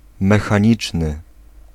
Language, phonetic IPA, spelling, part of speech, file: Polish, [ˌmɛxãˈɲit͡ʃnɨ], mechaniczny, adjective, Pl-mechaniczny.ogg